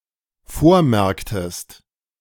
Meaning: inflection of vormerken: 1. second-person singular dependent preterite 2. second-person singular dependent subjunctive II
- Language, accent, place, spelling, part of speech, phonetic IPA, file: German, Germany, Berlin, vormerktest, verb, [ˈfoːɐ̯ˌmɛʁktəst], De-vormerktest.ogg